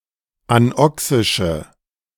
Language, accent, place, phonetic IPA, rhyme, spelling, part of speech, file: German, Germany, Berlin, [anˈɔksɪʃə], -ɔksɪʃə, anoxische, adjective, De-anoxische.ogg
- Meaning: inflection of anoxisch: 1. strong/mixed nominative/accusative feminine singular 2. strong nominative/accusative plural 3. weak nominative all-gender singular